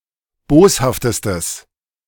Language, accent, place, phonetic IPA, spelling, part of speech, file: German, Germany, Berlin, [ˈboːshaftəstəs], boshaftestes, adjective, De-boshaftestes.ogg
- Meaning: strong/mixed nominative/accusative neuter singular superlative degree of boshaft